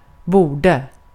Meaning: past indicative of böra
- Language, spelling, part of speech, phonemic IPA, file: Swedish, borde, verb, /ˈbuːɖə/, Sv-borde.ogg